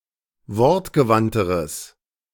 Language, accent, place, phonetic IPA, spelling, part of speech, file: German, Germany, Berlin, [ˈvɔʁtɡəˌvantəʁəs], wortgewandteres, adjective, De-wortgewandteres.ogg
- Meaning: strong/mixed nominative/accusative neuter singular comparative degree of wortgewandt